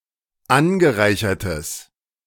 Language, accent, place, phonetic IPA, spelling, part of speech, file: German, Germany, Berlin, [ˈanɡəˌʁaɪ̯çɐtəs], angereichertes, adjective, De-angereichertes.ogg
- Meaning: strong/mixed nominative/accusative neuter singular of angereichert